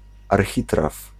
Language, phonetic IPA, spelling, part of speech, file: Polish, [arˈxʲitraf], architraw, noun, Pl-architraw.ogg